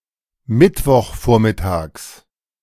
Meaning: genitive of Mittwochvormittag
- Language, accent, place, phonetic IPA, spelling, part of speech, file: German, Germany, Berlin, [ˌmɪtvɔxˈfoːɐ̯mɪtaːks], Mittwochvormittags, noun, De-Mittwochvormittags.ogg